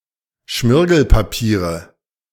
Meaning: nominative/accusative/genitive plural of Schmirgelpapier
- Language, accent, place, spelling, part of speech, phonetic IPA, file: German, Germany, Berlin, Schmirgelpapiere, noun, [ˈʃmɪʁɡl̩paˌpiːʁə], De-Schmirgelpapiere.ogg